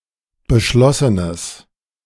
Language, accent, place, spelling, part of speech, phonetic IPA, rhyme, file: German, Germany, Berlin, beschlossenes, adjective, [bəˈʃlɔsənəs], -ɔsənəs, De-beschlossenes.ogg
- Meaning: strong/mixed nominative/accusative neuter singular of beschlossen